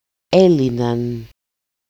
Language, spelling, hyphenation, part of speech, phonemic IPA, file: Greek, έλυναν, έ‧λυ‧ναν, verb, /ˈe.li.nan/, El-έλυναν.ogg
- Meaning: third-person plural imperfect active indicative of λύνω (lýno)